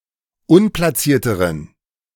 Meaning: inflection of unplatziert: 1. strong genitive masculine/neuter singular comparative degree 2. weak/mixed genitive/dative all-gender singular comparative degree
- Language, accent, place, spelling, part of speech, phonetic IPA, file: German, Germany, Berlin, unplatzierteren, adjective, [ˈʊnplaˌt͡siːɐ̯təʁən], De-unplatzierteren.ogg